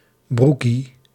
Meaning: 1. alternative form of broekje 2. a rookie, a whippersnapper, a beginner or a relatively young person
- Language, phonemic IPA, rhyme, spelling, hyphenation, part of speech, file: Dutch, /ˈbru.ki/, -uki, broekie, broe‧kie, noun, Nl-broekie.ogg